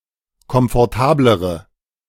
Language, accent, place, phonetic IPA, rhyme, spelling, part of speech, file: German, Germany, Berlin, [kɔmfɔʁˈtaːbləʁə], -aːbləʁə, komfortablere, adjective, De-komfortablere.ogg
- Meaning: inflection of komfortabel: 1. strong/mixed nominative/accusative feminine singular comparative degree 2. strong nominative/accusative plural comparative degree